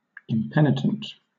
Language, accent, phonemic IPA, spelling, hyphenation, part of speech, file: English, Southern England, /ɪmˈpɛnɪt(ə)nt/, impenitent, im‧pen‧it‧ent, adjective / noun, LL-Q1860 (eng)-impenitent.wav
- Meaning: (adjective) Not penitent; specifically (Christianity), not repenting of one's sins; unrepentant; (noun) One who is not penitent